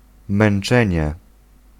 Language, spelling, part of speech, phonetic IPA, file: Polish, męczenie, noun, [mɛ̃n͇ˈt͡ʃɛ̃ɲɛ], Pl-męczenie.ogg